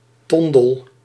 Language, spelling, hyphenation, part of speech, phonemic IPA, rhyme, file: Dutch, tondel, ton‧del, noun, /ˈtɔn.dəl/, -ɔndəl, Nl-tondel.ogg
- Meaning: tinder